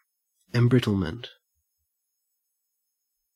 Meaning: The process of being embrittled; loss of flexibility or elasticity of a material; the development of brittleness
- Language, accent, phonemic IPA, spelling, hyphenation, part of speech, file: English, Australia, /ɛmˈbɹɪtl̩mənt/, embrittlement, em‧brit‧tle‧ment, noun, En-au-embrittlement.ogg